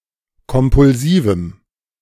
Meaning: strong dative masculine/neuter singular of kompulsiv
- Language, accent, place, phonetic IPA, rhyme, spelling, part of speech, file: German, Germany, Berlin, [kɔmpʊlˈziːvm̩], -iːvm̩, kompulsivem, adjective, De-kompulsivem.ogg